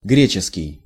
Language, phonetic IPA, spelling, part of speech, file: Russian, [ˈɡrʲet͡ɕɪskʲɪj], греческий, adjective / noun, Ru-греческий.ogg
- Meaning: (adjective) Greek; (noun) the Greek language (short for гре́ческий язы́к (gréčeskij jazýk))